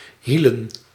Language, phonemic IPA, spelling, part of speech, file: Dutch, /ˈhilə(n)/, hielen, noun, Nl-hielen.ogg
- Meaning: plural of hiel